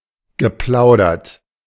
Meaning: past participle of plaudern
- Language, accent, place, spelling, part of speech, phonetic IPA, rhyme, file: German, Germany, Berlin, geplaudert, verb, [ɡəˈplaʊ̯dɐt], -aʊ̯dɐt, De-geplaudert.ogg